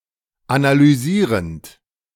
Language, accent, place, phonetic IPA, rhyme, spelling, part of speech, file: German, Germany, Berlin, [analyˈziːʁənt], -iːʁənt, analysierend, verb, De-analysierend.ogg
- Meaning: present participle of analysieren